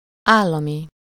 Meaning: state, public, governmental (of or relating to the government)
- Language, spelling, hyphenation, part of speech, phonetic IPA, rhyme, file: Hungarian, állami, ál‧la‧mi, adjective, [ˈaːlːɒmi], -mi, Hu-állami.ogg